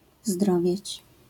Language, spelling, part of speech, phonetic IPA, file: Polish, zdrowieć, verb, [ˈzdrɔvʲjɛ̇t͡ɕ], LL-Q809 (pol)-zdrowieć.wav